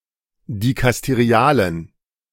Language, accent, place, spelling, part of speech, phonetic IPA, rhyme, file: German, Germany, Berlin, dikasterialen, adjective, [dikasteˈʁi̯aːlən], -aːlən, De-dikasterialen.ogg
- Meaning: inflection of dikasterial: 1. strong genitive masculine/neuter singular 2. weak/mixed genitive/dative all-gender singular 3. strong/weak/mixed accusative masculine singular 4. strong dative plural